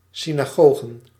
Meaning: plural of synagoge
- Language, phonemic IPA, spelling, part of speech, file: Dutch, /sinaˈɣoɣə(n)/, synagogen, noun, Nl-synagogen.ogg